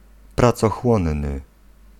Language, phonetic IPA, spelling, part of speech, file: Polish, [ˌprat͡sɔˈxwɔ̃nːɨ], pracochłonny, adjective, Pl-pracochłonny.ogg